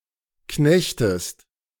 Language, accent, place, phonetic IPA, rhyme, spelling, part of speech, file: German, Germany, Berlin, [ˈknɛçtəst], -ɛçtəst, knechtest, verb, De-knechtest.ogg
- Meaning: inflection of knechten: 1. second-person singular present 2. second-person singular subjunctive I